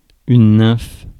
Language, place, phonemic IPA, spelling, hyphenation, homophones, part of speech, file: French, Paris, /nɛ̃f/, nymphe, nymphe, nymphes, noun, Fr-nymphe.ogg
- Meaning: nymph